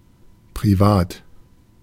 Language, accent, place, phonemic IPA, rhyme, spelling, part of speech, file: German, Germany, Berlin, /pʁiˈvaːt/, -aːt, privat, adjective, De-privat.ogg
- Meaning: private